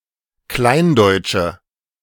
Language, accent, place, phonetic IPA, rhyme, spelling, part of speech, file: German, Germany, Berlin, [ˈklaɪ̯nˌdɔɪ̯t͡ʃə], -aɪ̯ndɔɪ̯t͡ʃə, kleindeutsche, adjective, De-kleindeutsche.ogg
- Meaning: inflection of kleindeutsch: 1. strong/mixed nominative/accusative feminine singular 2. strong nominative/accusative plural 3. weak nominative all-gender singular